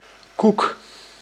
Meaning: 1. cookie, cake, biscuit, wafer 2. any type of cake or biscuit 3. something doughy or sticky 4. roundel
- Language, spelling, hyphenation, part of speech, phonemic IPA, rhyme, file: Dutch, koek, koek, noun, /kuk/, -uk, Nl-koek.ogg